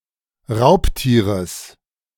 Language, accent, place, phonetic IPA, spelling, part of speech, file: German, Germany, Berlin, [ˈʁaʊ̯ptiːʁəs], Raubtieres, noun, De-Raubtieres.ogg
- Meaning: genitive singular of Raubtier